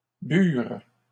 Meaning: third-person plural past historic of boire
- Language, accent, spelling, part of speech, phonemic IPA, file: French, Canada, burent, verb, /byʁ/, LL-Q150 (fra)-burent.wav